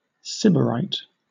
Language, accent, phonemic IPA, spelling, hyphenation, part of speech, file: English, Southern England, /ˈsɪbəɹaɪt/, sybarite, sy‧bar‧ite, noun / adjective, LL-Q1860 (eng)-sybarite.wav
- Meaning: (noun) A person devoted to luxury and pleasure; a hedonist